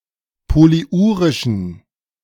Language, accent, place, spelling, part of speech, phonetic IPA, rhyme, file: German, Germany, Berlin, polyurischen, adjective, [poliˈʔuːʁɪʃn̩], -uːʁɪʃn̩, De-polyurischen.ogg
- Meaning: inflection of polyurisch: 1. strong genitive masculine/neuter singular 2. weak/mixed genitive/dative all-gender singular 3. strong/weak/mixed accusative masculine singular 4. strong dative plural